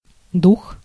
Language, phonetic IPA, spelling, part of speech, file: Russian, [dux], дух, noun, Ru-дух.ogg
- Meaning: 1. spirit 2. mind 3. courage 4. ghost 5. breath 6. scent 7. rebel (especially in Afghanistan; from душма́н (dušmán)) 8. new recruit, rookie who is sometimes abused by the longer serving soldiers